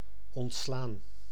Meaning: 1. to discharge, to let go, to free of one's duties 2. to fire, to sack (terminate the employment of)
- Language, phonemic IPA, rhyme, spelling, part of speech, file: Dutch, /ˌɔntˈslaːn/, -aːn, ontslaan, verb, Nl-ontslaan.ogg